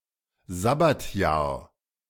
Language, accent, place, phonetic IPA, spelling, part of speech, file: German, Germany, Berlin, [ˈzabatjaːɐ̯], Sabbatjahr, noun, De-Sabbatjahr.ogg
- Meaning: sabbatical (year)